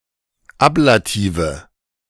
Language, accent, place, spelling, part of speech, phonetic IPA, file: German, Germany, Berlin, Ablative, noun, [ˈaplaˌtiːvə], De-Ablative.ogg
- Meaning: nominative/accusative/genitive plural of Ablativ